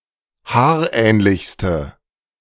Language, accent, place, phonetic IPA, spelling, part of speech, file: German, Germany, Berlin, [ˈhaːɐ̯ˌʔɛːnlɪçstə], haarähnlichste, adjective, De-haarähnlichste.ogg
- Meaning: inflection of haarähnlich: 1. strong/mixed nominative/accusative feminine singular superlative degree 2. strong nominative/accusative plural superlative degree